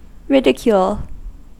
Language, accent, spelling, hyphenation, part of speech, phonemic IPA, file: English, US, ridicule, rid‧i‧cule, verb / noun / adjective, /ˈɹɪdɪkjuːl/, En-us-ridicule.ogg
- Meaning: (verb) To criticize or disapprove of someone or something through scornful jocularity; to make fun of; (noun) Derision; mocking or humiliating words or behavior